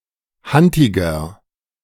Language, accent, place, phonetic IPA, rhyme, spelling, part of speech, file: German, Germany, Berlin, [ˈhantɪɡɐ], -antɪɡɐ, hantiger, adjective, De-hantiger.ogg
- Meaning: 1. comparative degree of hantig 2. inflection of hantig: strong/mixed nominative masculine singular 3. inflection of hantig: strong genitive/dative feminine singular